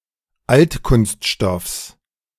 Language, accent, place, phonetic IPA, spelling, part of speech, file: German, Germany, Berlin, [ˈaltkʊnstˌʃtɔfs], Altkunststoffs, noun, De-Altkunststoffs.ogg
- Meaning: genitive singular of Altkunststoff